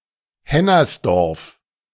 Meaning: a municipality of Lower Austria, Austria
- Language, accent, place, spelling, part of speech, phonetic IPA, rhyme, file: German, Germany, Berlin, Hennersdorf, proper noun, [ˈhɛnɐsˌdɔʁf], -ɛnɐsdɔʁf, De-Hennersdorf.ogg